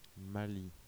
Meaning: Mali (a country in West Africa)
- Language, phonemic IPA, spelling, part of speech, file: French, /ma.li/, Mali, proper noun, Fr-Mali.ogg